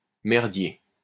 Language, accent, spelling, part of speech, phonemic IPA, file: French, France, merdier, noun, /mɛʁ.dje/, LL-Q150 (fra)-merdier.wav
- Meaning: 1. mess, jumble 2. bad, tricky situation, shitstorm